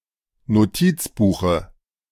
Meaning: dative of Notizbuch
- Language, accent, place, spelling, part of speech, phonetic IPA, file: German, Germany, Berlin, Notizbuche, noun, [noˈtiːt͡sˌbuːxə], De-Notizbuche.ogg